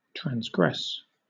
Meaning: 1. To exceed or overstep some limit or boundary 2. To act in violation of some law 3. To commit an offense; to sin 4. To spread over land along a shoreline; to inundate
- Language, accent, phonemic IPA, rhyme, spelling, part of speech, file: English, Southern England, /tɹænzˈɡɹɛs/, -ɛs, transgress, verb, LL-Q1860 (eng)-transgress.wav